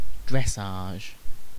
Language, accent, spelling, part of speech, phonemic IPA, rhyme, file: English, UK, dressage, noun, /ˈdɹɛs.ɑːʒ/, -ɑːʒ, En-uk-dressage.ogg
- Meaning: The schooling of a horse